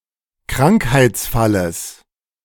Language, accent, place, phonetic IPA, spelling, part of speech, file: German, Germany, Berlin, [ˈkʁaŋkhaɪ̯t͡sˌfaləs], Krankheitsfalles, noun, De-Krankheitsfalles.ogg
- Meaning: genitive singular of Krankheitsfall